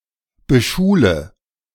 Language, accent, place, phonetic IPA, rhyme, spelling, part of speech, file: German, Germany, Berlin, [bəˈʃuːlə], -uːlə, beschule, verb, De-beschule.ogg
- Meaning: inflection of beschulen: 1. first-person singular present 2. first/third-person singular subjunctive I 3. singular imperative